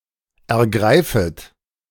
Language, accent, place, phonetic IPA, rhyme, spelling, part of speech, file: German, Germany, Berlin, [ɛɐ̯ˈɡʁaɪ̯fət], -aɪ̯fət, ergreifet, verb, De-ergreifet.ogg
- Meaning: second-person plural subjunctive I of ergreifen